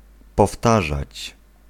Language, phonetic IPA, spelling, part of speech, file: Polish, [pɔˈftaʒat͡ɕ], powtarzać, verb, Pl-powtarzać.ogg